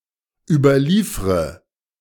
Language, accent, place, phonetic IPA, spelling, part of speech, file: German, Germany, Berlin, [ˌyːbɐˈliːfʁə], überliefre, verb, De-überliefre.ogg
- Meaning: inflection of überliefern: 1. first-person singular present 2. first/third-person singular subjunctive I 3. singular imperative